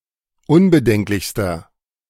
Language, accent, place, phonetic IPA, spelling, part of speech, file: German, Germany, Berlin, [ˈʊnbəˌdɛŋklɪçstɐ], unbedenklichster, adjective, De-unbedenklichster.ogg
- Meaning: inflection of unbedenklich: 1. strong/mixed nominative masculine singular superlative degree 2. strong genitive/dative feminine singular superlative degree 3. strong genitive plural superlative degree